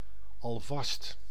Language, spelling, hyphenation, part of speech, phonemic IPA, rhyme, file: Dutch, alvast, al‧vast, adverb, /ɑlˈvɑst/, -ɑst, Nl-alvast.ogg
- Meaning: 1. already 2. in advance (to do something before an ensuing event)